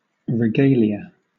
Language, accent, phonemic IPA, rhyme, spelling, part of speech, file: English, Southern England, /ɹɪˈɡeɪ.li.ə/, -eɪliə, regalia, noun, LL-Q1860 (eng)-regalia.wav
- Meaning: Royal rights, prerogatives and privileges actually enjoyed by any sovereign, regardless of his title (emperor, grand duke etc.)